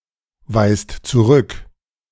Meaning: inflection of zurückweisen: 1. second/third-person singular present 2. second-person plural present 3. plural imperative
- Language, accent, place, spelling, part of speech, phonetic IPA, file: German, Germany, Berlin, weist zurück, verb, [ˌvaɪ̯st t͡suˈʁʏk], De-weist zurück.ogg